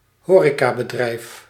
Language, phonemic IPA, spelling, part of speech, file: Dutch, /ˈɦoːreːkaːbədrɛi̯f/, horecabedrijf, noun, Nl-horecabedrijf.ogg
- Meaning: hotel or catering business